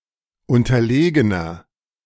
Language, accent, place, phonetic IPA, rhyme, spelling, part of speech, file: German, Germany, Berlin, [ˌʊntɐˈleːɡənɐ], -eːɡənɐ, unterlegener, adjective, De-unterlegener.ogg
- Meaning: 1. comparative degree of unterlegen 2. inflection of unterlegen: strong/mixed nominative masculine singular 3. inflection of unterlegen: strong genitive/dative feminine singular